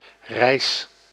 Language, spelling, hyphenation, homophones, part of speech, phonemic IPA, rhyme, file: Dutch, reis, reis, rijs / Rijs, noun / verb, /rɛi̯s/, -ɛi̯s, Nl-reis.ogg
- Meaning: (noun) 1. travel 2. trip, tour; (verb) inflection of reizen: 1. first-person singular present indicative 2. second-person singular present indicative 3. imperative